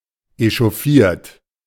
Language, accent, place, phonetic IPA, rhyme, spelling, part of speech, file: German, Germany, Berlin, [eʃɔˈfiːɐ̯t], -iːɐ̯t, echauffiert, verb, De-echauffiert.ogg
- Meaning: 1. past participle of echauffieren 2. inflection of echauffieren: third-person singular present 3. inflection of echauffieren: second-person plural present